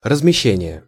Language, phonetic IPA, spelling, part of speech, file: Russian, [rəzmʲɪˈɕːenʲɪje], размещение, noun, Ru-размещение.ogg
- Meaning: 1. placing, placement 2. accommodation 3. deployment, stationing 4. placement, layout; distribution pattern 5. placement